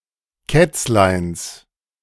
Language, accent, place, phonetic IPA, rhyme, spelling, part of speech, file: German, Germany, Berlin, [ˈkɛt͡slaɪ̯ns], -ɛt͡slaɪ̯ns, Kätzleins, noun, De-Kätzleins.ogg
- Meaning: genitive singular of Kätzlein